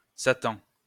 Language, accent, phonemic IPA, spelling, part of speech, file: French, France, /sa.tɑ̃/, Satan, proper noun, LL-Q150 (fra)-Satan.wav
- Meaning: Satan